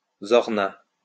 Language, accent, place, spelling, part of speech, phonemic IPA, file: French, France, Lyon, zorna, noun, /zɔʁ.na/, LL-Q150 (fra)-zorna.wav
- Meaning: alternative form of zourna